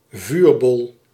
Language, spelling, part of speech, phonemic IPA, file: Dutch, vuurbol, noun, /ˈvyrbɔl/, Nl-vuurbol.ogg
- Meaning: 1. fireball 2. bolide; an exceptionally bright shooting star (meteor)